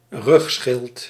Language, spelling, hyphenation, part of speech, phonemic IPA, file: Dutch, rugschild, rug‧schild, noun, /ˈrʏx.sxɪlt/, Nl-rugschild.ogg
- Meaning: 1. an organic dorsal protective covering of an animal, a carapace 2. a military shield worn on the back